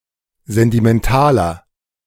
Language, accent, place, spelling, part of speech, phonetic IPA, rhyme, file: German, Germany, Berlin, sentimentaler, adjective, [ˌzɛntimɛnˈtaːlɐ], -aːlɐ, De-sentimentaler.ogg
- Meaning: 1. comparative degree of sentimental 2. inflection of sentimental: strong/mixed nominative masculine singular 3. inflection of sentimental: strong genitive/dative feminine singular